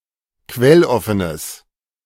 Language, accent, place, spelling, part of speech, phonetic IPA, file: German, Germany, Berlin, quelloffenes, adjective, [ˈkvɛlˌɔfənəs], De-quelloffenes.ogg
- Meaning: strong/mixed nominative/accusative neuter singular of quelloffen